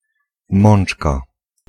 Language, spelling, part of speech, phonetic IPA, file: Polish, mączka, noun, [ˈmɔ̃n͇t͡ʃka], Pl-mączka.ogg